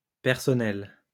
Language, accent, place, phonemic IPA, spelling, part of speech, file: French, France, Lyon, /pɛʁ.sɔ.nɛl/, personnelle, adjective, LL-Q150 (fra)-personnelle.wav
- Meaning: feminine singular of personnel